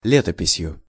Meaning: instrumental singular of ле́топись (létopisʹ)
- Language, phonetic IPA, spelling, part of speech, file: Russian, [ˈlʲetəpʲɪsʲjʊ], летописью, noun, Ru-летописью.ogg